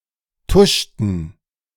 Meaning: inflection of tuschen: 1. first/third-person plural preterite 2. first/third-person plural subjunctive II
- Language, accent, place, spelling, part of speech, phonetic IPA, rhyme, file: German, Germany, Berlin, tuschten, verb, [ˈtʊʃtn̩], -ʊʃtn̩, De-tuschten.ogg